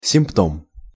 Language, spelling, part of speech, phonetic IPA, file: Russian, симптом, noun, [sʲɪmpˈtom], Ru-симптом.ogg
- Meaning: 1. symptom 2. indication, sign, symptom